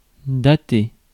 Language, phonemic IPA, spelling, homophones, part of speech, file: French, /da.te/, dater, datai / daté / datée / datées / datés / datez, verb, Fr-dater.ogg
- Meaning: 1. to date, to add a date onto something 2. to date (de from)